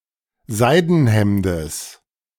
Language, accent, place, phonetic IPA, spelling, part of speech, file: German, Germany, Berlin, [ˈzaɪ̯dn̩ˌhɛmdəs], Seidenhemdes, noun, De-Seidenhemdes.ogg
- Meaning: genitive singular of Seidenhemd